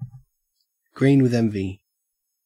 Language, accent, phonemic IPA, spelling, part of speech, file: English, Australia, /ɡɹiːn wɪð ˈɛnvi/, green with envy, phrase, En-au-green with envy.ogg
- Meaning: Consumed by envy; envious to the point where it is noticeable to others